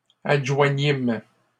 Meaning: first-person plural past historic of adjoindre
- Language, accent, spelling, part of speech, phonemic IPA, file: French, Canada, adjoignîmes, verb, /ad.ʒwa.ɲim/, LL-Q150 (fra)-adjoignîmes.wav